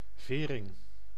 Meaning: suspension (system of springs, and in the case of vehicles shock absorbers)
- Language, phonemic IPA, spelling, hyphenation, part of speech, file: Dutch, /ˈveː.rɪŋ/, vering, ve‧ring, noun, Nl-vering.ogg